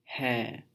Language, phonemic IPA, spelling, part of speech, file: Hindi, /ɦɛː/, है, verb, Hi-है.wav
- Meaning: inflection of होना (honā): 1. second-person singular intimate present indicative 2. third-person singular present indicative